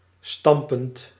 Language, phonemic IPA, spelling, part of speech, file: Dutch, /ˈstɑmpənt/, stampend, verb, Nl-stampend.ogg
- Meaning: present participle of stampen